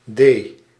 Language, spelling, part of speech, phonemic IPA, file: Dutch, de-, prefix, /deː/, Nl-de-.ogg
- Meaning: de-